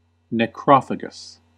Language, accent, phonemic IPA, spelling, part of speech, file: English, US, /nɛˈkɹɑ.fə.ɡəs/, necrophagous, adjective, En-us-necrophagous.ogg
- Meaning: That eats dead or decaying animal flesh